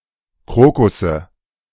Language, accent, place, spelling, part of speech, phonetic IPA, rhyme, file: German, Germany, Berlin, Krokusse, noun, [ˈkʁoːkʊsə], -oːkʊsə, De-Krokusse.ogg
- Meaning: nominative/accusative/genitive plural of Krokus